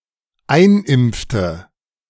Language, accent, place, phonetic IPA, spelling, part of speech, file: German, Germany, Berlin, [ˈaɪ̯nˌʔɪmp͡ftə], einimpfte, verb, De-einimpfte.ogg
- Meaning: inflection of einimpfen: 1. first/third-person singular dependent preterite 2. first/third-person singular dependent subjunctive II